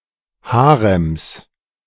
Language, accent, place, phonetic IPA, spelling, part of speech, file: German, Germany, Berlin, [ˈhaːʁɛms], Harems, noun, De-Harems.ogg
- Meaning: plural of Harem